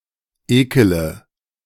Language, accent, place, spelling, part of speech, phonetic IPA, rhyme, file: German, Germany, Berlin, ekele, verb, [ˈeːkələ], -eːkələ, De-ekele.ogg
- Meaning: inflection of ekeln: 1. first-person singular present 2. first/third-person singular subjunctive I 3. singular imperative